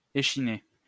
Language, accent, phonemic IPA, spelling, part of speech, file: French, France, /e.ʃi.ne/, échinée, verb, LL-Q150 (fra)-échinée.wav
- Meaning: feminine singular of échiné